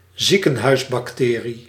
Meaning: any antibiotic-resistant bacterium often found in hospitals, a superbug
- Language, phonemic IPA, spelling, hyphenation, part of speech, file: Dutch, /ˈzi.kə(n).ɦœy̯s.bɑkˈteː.ri/, ziekenhuisbacterie, ziekenhuis‧bacterie, noun, Nl-ziekenhuisbacterie.ogg